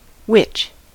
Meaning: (noun) A person (now usually particularly a woman) who uses magical or similar supernatural powers to influence or predict events, particularly one with malicious motives
- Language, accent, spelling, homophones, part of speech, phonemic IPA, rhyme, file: English, US, witch, wich / wych, noun / verb, /wɪt͡ʃ/, -ɪtʃ, En-us-witch.ogg